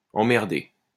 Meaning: past participle of emmerder
- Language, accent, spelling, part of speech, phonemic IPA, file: French, France, emmerdé, verb, /ɑ̃.mɛʁ.de/, LL-Q150 (fra)-emmerdé.wav